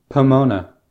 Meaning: 1. A goddess of fruitful abundance in Ancient Roman religion and myth 2. Pomona College
- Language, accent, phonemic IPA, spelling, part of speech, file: English, US, /pəˈmoʊnə/, Pomona, proper noun, En-us-Pomona.ogg